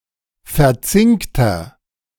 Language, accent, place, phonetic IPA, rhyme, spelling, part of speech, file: German, Germany, Berlin, [fɛɐ̯ˈt͡sɪŋktɐ], -ɪŋktɐ, verzinkter, adjective, De-verzinkter.ogg
- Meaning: inflection of verzinkt: 1. strong/mixed nominative masculine singular 2. strong genitive/dative feminine singular 3. strong genitive plural